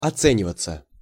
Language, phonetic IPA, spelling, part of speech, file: Russian, [ɐˈt͡sɛnʲɪvət͡sə], оцениваться, verb, Ru-оцениваться.ogg
- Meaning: passive of оце́нивать (océnivatʹ): to be estimated, to be valued